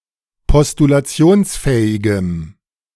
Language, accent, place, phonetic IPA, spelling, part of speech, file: German, Germany, Berlin, [pɔstulaˈt͡si̯oːnsˌfɛːɪɡəm], postulationsfähigem, adjective, De-postulationsfähigem.ogg
- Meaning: strong dative masculine/neuter singular of postulationsfähig